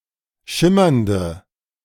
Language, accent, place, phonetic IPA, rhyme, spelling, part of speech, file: German, Germany, Berlin, [ˈʃɪmɐndə], -ɪmɐndə, schimmernde, adjective, De-schimmernde.ogg
- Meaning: inflection of schimmernd: 1. strong/mixed nominative/accusative feminine singular 2. strong nominative/accusative plural 3. weak nominative all-gender singular